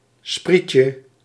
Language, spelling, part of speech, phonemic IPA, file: Dutch, sprietje, noun, /ˈspricə/, Nl-sprietje.ogg
- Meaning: diminutive of spriet